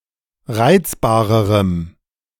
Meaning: strong dative masculine/neuter singular comparative degree of reizbar
- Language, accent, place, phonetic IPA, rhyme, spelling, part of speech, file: German, Germany, Berlin, [ˈʁaɪ̯t͡sbaːʁəʁəm], -aɪ̯t͡sbaːʁəʁəm, reizbarerem, adjective, De-reizbarerem.ogg